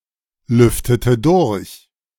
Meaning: inflection of durchlüften: 1. first/third-person singular preterite 2. first/third-person singular subjunctive II
- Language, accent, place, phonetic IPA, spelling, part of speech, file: German, Germany, Berlin, [ˌlʏftətə ˈdʊʁç], lüftete durch, verb, De-lüftete durch.ogg